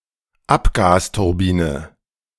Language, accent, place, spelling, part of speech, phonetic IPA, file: German, Germany, Berlin, Abgasturbine, noun, [ˈapɡaːstʊʁˌbiːnə], De-Abgasturbine.ogg
- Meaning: exhaust gas turbine